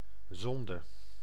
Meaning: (noun) 1. sin (offence against moral and/or divine law) 2. sin; sinfulness (state of alienation from God or any other deity caused by such offences)
- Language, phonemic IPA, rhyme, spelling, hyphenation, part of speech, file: Dutch, /ˈzɔn.də/, -ɔndə, zonde, zon‧de, noun / verb, Nl-zonde.ogg